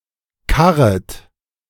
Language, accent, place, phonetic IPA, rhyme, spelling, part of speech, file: German, Germany, Berlin, [ˈkaʁət], -aʁət, karret, verb, De-karret.ogg
- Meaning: second-person plural subjunctive I of karren